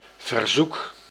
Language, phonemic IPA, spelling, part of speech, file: Dutch, /vərˈzuk/, verzoek, noun / verb, Nl-verzoek.ogg
- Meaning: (noun) request (act of requesting), friendly demand, petition; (verb) inflection of verzoeken: 1. first-person singular present indicative 2. second-person singular present indicative 3. imperative